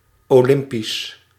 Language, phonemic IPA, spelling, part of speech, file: Dutch, /oˈlɪmpis/, olympisch, adjective, Nl-olympisch.ogg
- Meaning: Olympic